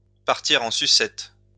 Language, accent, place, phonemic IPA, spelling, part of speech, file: French, France, Lyon, /paʁ.ti.ʁ‿ɑ̃ sy.sɛt/, partir en sucette, verb, LL-Q150 (fra)-partir en sucette.wav
- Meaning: to go awry, to hit the fan, to go pear-shaped